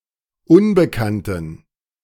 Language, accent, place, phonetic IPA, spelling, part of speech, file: German, Germany, Berlin, [ˈʊnbəˌkantn̩], Unbekannten, noun, De-Unbekannten.ogg
- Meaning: dative plural of Unbekannte